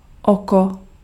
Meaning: 1. eye 2. twenty-one, pontoon 3. tarn 4. eye (center of a storm)
- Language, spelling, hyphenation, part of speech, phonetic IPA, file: Czech, oko, oko, noun, [ˈoko], Cs-oko.ogg